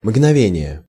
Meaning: moment, instant, twinkling
- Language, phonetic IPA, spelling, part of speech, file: Russian, [mɡnɐˈvʲenʲɪje], мгновение, noun, Ru-мгновение.ogg